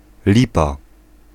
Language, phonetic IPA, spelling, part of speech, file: Polish, [ˈlʲipa], lipa, noun, Pl-lipa.ogg